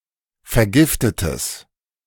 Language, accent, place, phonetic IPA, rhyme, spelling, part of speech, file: German, Germany, Berlin, [fɛɐ̯ˈɡɪftətəs], -ɪftətəs, vergiftetes, adjective, De-vergiftetes.ogg
- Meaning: strong/mixed nominative/accusative neuter singular of vergiftet